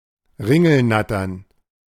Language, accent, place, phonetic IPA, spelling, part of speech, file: German, Germany, Berlin, [ˈʁɪŋl̩ˌnatɐn], Ringelnattern, noun, De-Ringelnattern.ogg
- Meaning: plural of Ringelnatter